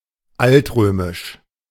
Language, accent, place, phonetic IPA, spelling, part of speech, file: German, Germany, Berlin, [ˈaltˌʁøːmɪʃ], altrömisch, adjective, De-altrömisch.ogg
- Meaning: ancient Roman